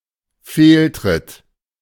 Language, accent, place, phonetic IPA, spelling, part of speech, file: German, Germany, Berlin, [ˈfeːlˌtʁɪt], Fehltritt, noun, De-Fehltritt.ogg
- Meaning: misstep